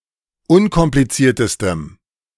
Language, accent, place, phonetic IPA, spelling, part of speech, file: German, Germany, Berlin, [ˈʊnkɔmplit͡siːɐ̯təstəm], unkompliziertestem, adjective, De-unkompliziertestem.ogg
- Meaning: strong dative masculine/neuter singular superlative degree of unkompliziert